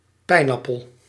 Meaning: 1. pinecone 2. pineapple
- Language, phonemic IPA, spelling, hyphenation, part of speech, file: Dutch, /ˈpɛi̯nˌɑ.pəl/, pijnappel, pijn‧ap‧pel, noun, Nl-pijnappel.ogg